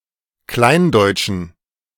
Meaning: inflection of kleindeutsch: 1. strong genitive masculine/neuter singular 2. weak/mixed genitive/dative all-gender singular 3. strong/weak/mixed accusative masculine singular 4. strong dative plural
- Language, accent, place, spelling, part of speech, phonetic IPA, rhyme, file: German, Germany, Berlin, kleindeutschen, adjective, [ˈklaɪ̯nˌdɔɪ̯t͡ʃn̩], -aɪ̯ndɔɪ̯t͡ʃn̩, De-kleindeutschen.ogg